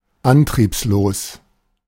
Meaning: listless
- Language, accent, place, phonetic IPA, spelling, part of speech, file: German, Germany, Berlin, [ˈantʁiːpsloːs], antriebslos, adjective, De-antriebslos.ogg